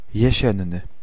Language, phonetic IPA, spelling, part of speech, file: Polish, [jɛ̇ˈɕɛ̃nːɨ], jesienny, adjective, Pl-jesienny.ogg